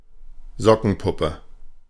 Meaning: sock puppet (simple puppet made from a sock)
- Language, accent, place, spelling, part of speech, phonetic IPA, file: German, Germany, Berlin, Sockenpuppe, noun, [ˈzɔkn̩ˌpʊpə], De-Sockenpuppe.ogg